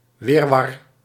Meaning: tangle, confused mess, chaos
- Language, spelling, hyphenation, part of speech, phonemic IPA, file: Dutch, wirwar, wir‧war, noun, /ˈʋir.ʋɑr/, Nl-wirwar.ogg